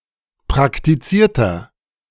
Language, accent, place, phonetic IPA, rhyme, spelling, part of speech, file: German, Germany, Berlin, [pʁaktiˈt͡siːɐ̯tɐ], -iːɐ̯tɐ, praktizierter, adjective, De-praktizierter.ogg
- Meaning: inflection of praktiziert: 1. strong/mixed nominative masculine singular 2. strong genitive/dative feminine singular 3. strong genitive plural